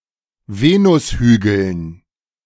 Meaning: dative plural of Venushügel
- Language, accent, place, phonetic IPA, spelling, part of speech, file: German, Germany, Berlin, [ˈveːnʊsˌhyːɡl̩n], Venushügeln, noun, De-Venushügeln.ogg